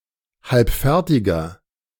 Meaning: inflection of halbfertig: 1. strong/mixed nominative masculine singular 2. strong genitive/dative feminine singular 3. strong genitive plural
- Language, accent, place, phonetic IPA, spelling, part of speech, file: German, Germany, Berlin, [ˈhalpˌfɛʁtɪɡɐ], halbfertiger, adjective, De-halbfertiger.ogg